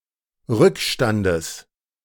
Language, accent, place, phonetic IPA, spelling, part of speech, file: German, Germany, Berlin, [ˈʁʏkˌʃtandəs], Rückstandes, noun, De-Rückstandes.ogg
- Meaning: genitive singular of Rückstand